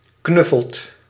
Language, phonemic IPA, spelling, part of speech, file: Dutch, /ˈknʏfəlt/, knuffelt, verb, Nl-knuffelt.ogg
- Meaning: inflection of knuffelen: 1. second/third-person singular present indicative 2. plural imperative